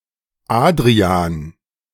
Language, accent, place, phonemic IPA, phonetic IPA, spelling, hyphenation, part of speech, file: German, Germany, Berlin, /ˈaːd.ʁi.aːn/, [ˈʔaːd.ʁi.aːn], Adrian, Ad‧ri‧an, proper noun, De-Adrian2.ogg
- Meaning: a male given name from Latin, equivalent to English Adrian